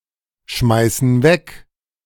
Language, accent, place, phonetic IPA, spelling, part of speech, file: German, Germany, Berlin, [ˌʃmaɪ̯sn̩ ˈvɛk], schmeißen weg, verb, De-schmeißen weg.ogg
- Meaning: inflection of wegschmeißen: 1. first/third-person plural present 2. first/third-person plural subjunctive I